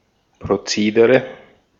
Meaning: procedure
- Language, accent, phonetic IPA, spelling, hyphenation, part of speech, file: German, Austria, [pʁoˈt͡seːdəʁə], Prozedere, Pro‧ze‧de‧re, noun, De-at-Prozedere.ogg